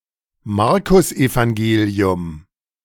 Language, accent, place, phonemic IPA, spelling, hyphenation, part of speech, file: German, Germany, Berlin, /ˈmaʁkʊsʔevaŋˌɡeːli̯ʊm/, Markusevangelium, Mar‧kus‧evan‧ge‧li‧um, proper noun, De-Markusevangelium.ogg
- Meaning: the Gospel according to Mark